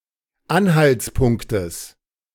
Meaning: genitive singular of Anhaltspunkt
- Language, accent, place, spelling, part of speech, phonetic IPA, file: German, Germany, Berlin, Anhaltspunktes, noun, [ˈanhalt͡sˌpʊŋktəs], De-Anhaltspunktes.ogg